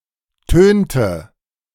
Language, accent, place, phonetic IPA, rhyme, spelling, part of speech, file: German, Germany, Berlin, [ˈtøːntə], -øːntə, tönte, verb, De-tönte.ogg
- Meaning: inflection of tönen: 1. first/third-person singular preterite 2. first/third-person singular subjunctive II